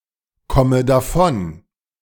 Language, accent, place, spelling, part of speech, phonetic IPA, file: German, Germany, Berlin, komme davon, verb, [ˌkɔmə daˈfɔn], De-komme davon.ogg
- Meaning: inflection of davonkommen: 1. first-person singular present 2. first/third-person singular subjunctive I 3. singular imperative